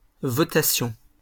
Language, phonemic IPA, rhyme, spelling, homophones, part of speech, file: French, /vɔ.ta.sjɔ̃/, -ɔ̃, votation, votations, noun, LL-Q150 (fra)-votation.wav
- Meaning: action of voting